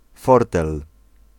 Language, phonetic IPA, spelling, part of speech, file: Polish, [ˈfɔrtɛl], fortel, noun, Pl-fortel.ogg